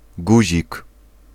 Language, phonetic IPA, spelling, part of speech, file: Polish, [ˈɡuʑik], guzik, noun, Pl-guzik.ogg